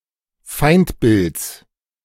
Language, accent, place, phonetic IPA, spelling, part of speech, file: German, Germany, Berlin, [ˈfaɪ̯ntˌbɪlt͡s], Feindbilds, noun, De-Feindbilds.ogg
- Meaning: genitive singular of Feindbild